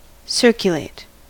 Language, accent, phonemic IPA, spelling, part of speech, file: English, US, /ˈsɝ.kjʊˌleɪt/, circulate, verb, En-us-circulate.ogg
- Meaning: 1. To move in circles or through a circuit 2. To cause (a person or thing) to move in circles or through a circuit 3. To move from person to person, as at a party 4. To spread or disseminate